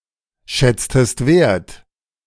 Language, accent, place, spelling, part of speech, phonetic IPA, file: German, Germany, Berlin, schätztest ein, verb, [ˌʃɛt͡stəst ˈaɪ̯n], De-schätztest ein.ogg
- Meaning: inflection of einschätzen: 1. second-person singular preterite 2. second-person singular subjunctive II